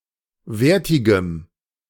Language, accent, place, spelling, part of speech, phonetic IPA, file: German, Germany, Berlin, wertigem, adjective, [ˈveːɐ̯tɪɡəm], De-wertigem.ogg
- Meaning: strong dative masculine/neuter singular of wertig